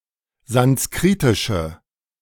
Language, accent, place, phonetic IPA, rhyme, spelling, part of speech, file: German, Germany, Berlin, [zansˈkʁiːtɪʃə], -iːtɪʃə, sanskritische, adjective, De-sanskritische.ogg
- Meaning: inflection of sanskritisch: 1. strong/mixed nominative/accusative feminine singular 2. strong nominative/accusative plural 3. weak nominative all-gender singular